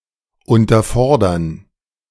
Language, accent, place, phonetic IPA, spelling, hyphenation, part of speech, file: German, Germany, Berlin, [ˌʊntɐˈfɔʁdɐn], unterfordern, un‧ter‧for‧dern, verb, De-unterfordern.ogg
- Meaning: to underchallenge